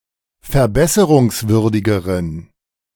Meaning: inflection of verbesserungswürdig: 1. strong genitive masculine/neuter singular comparative degree 2. weak/mixed genitive/dative all-gender singular comparative degree
- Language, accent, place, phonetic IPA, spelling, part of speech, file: German, Germany, Berlin, [fɛɐ̯ˈbɛsəʁʊŋsˌvʏʁdɪɡəʁən], verbesserungswürdigeren, adjective, De-verbesserungswürdigeren.ogg